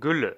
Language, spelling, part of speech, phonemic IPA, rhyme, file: German, Gülle, noun, /ˈɡʏlə/, -ʏlə, De-Gülle.ogg
- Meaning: liquid manure